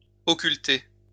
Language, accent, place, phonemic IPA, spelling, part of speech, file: French, France, Lyon, /ɔ.kyl.te/, occulter, verb, LL-Q150 (fra)-occulter.wav
- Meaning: to occult